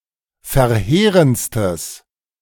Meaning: strong/mixed nominative/accusative neuter singular superlative degree of verheerend
- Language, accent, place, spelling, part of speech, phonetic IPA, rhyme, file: German, Germany, Berlin, verheerendstes, adjective, [fɛɐ̯ˈheːʁənt͡stəs], -eːʁənt͡stəs, De-verheerendstes.ogg